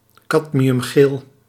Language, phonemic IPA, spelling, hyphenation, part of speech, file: Dutch, /ˈkɑt.mi.ʏmˌɣeːl/, cadmiumgeel, cad‧mi‧um‧geel, adjective / noun, Nl-cadmiumgeel.ogg
- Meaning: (adjective) cadmium yellow; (noun) a cadmium yellow colour or dye